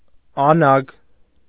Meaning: tin
- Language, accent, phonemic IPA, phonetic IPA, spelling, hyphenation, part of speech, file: Armenian, Eastern Armenian, /ɑˈnɑɡ/, [ɑnɑ́ɡ], անագ, ա‧նագ, noun, Hy-անագ.ogg